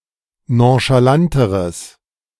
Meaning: strong/mixed nominative/accusative neuter singular comparative degree of nonchalant
- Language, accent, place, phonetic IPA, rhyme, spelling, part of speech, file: German, Germany, Berlin, [ˌnõʃaˈlantəʁəs], -antəʁəs, nonchalanteres, adjective, De-nonchalanteres.ogg